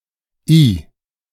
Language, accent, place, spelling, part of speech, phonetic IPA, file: German, Germany, Berlin, -i, suffix, [i], De--i.ogg
- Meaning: 1. Forms pet names from given names, kinship terms, and terms of address 2. Forms nouns from adjectives and verbs denoting someone characterized by that word